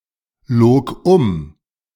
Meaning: first/third-person singular preterite of umlügen
- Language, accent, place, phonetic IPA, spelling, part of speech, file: German, Germany, Berlin, [ˌloːk ˈʔʊm], log um, verb, De-log um.ogg